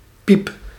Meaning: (noun) a peep, a squeak; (interjection) 1. squeak, peep 2. peep (euphemism for a profanity); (adjective) clipping of piepjong; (verb) inflection of piepen: first-person singular present indicative
- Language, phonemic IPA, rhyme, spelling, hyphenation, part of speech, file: Dutch, /pip/, -ip, piep, piep, noun / interjection / adjective / verb, Nl-piep.ogg